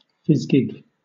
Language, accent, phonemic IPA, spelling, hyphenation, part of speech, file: English, Southern England, /ˈfɪzɡɪɡ/, fizgig, fiz‧gig, noun / verb, LL-Q1860 (eng)-fizgig.wav
- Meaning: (noun) 1. A flirtatious, coquettish girl, inclined to gad or gallivant about; a gig, a giglot, a jillflirt 2. Something frivolous or trivial; a gewgaw, a trinket